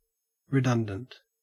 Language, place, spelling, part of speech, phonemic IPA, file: English, Queensland, redundant, adjective, /ɹɪˈdɐn.dənt/, En-au-redundant.ogg
- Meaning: 1. Superfluous; exceeding what is necessary (and therefore no longer needed because other things fulfill its task or purpose) 2. Repetitive or needlessly wordy